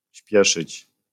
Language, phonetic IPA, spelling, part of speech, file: Polish, [ˈɕpʲjɛʃɨt͡ɕ], śpieszyć, verb, LL-Q809 (pol)-śpieszyć.wav